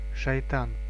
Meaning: shaitan, Satan
- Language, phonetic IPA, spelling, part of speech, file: Russian, [ʂɐjˈtan], Шайтан, proper noun, Ru-Шайтан.ogg